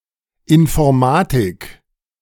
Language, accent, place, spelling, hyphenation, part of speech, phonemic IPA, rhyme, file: German, Germany, Berlin, Informatik, In‧for‧ma‧tik, noun, /ɪnfɔɐ̯ˈmaːtɪk/, -aːtɪk, De-Informatik.ogg
- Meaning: 1. computer science 2. information technology 3. informatics, information science